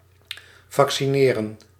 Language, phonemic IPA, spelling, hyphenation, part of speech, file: Dutch, /ˌvɑk.siˈneː.rə(n)/, vaccineren, vac‧ci‧ne‧ren, verb, Nl-vaccineren.ogg
- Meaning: to vaccinate